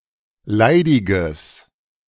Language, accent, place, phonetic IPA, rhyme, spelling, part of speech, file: German, Germany, Berlin, [ˈlaɪ̯dɪɡəs], -aɪ̯dɪɡəs, leidiges, adjective, De-leidiges.ogg
- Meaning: strong/mixed nominative/accusative neuter singular of leidig